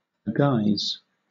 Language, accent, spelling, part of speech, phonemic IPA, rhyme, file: English, Southern England, aguise, verb / noun, /əˈɡaɪz/, -aɪz, LL-Q1860 (eng)-aguise.wav
- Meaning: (verb) To dress; to array; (noun) Clothing, dress